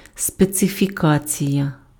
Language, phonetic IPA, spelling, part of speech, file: Ukrainian, [spet͡sefʲiˈkat͡sʲijɐ], специфікація, noun, Uk-специфікація.ogg
- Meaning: specification